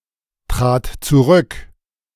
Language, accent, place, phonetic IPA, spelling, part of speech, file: German, Germany, Berlin, [ˌtʁaːt t͡suˈʁʏk], trat zurück, verb, De-trat zurück.ogg
- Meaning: first/third-person singular preterite of zurücktreten